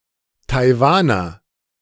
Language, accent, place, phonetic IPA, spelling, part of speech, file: German, Germany, Berlin, [taɪ̯ˈvaːnɐ], Taiwaner, noun, De-Taiwaner.ogg
- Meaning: Taiwanese; person living in Taiwan, or pertaining to Taiwan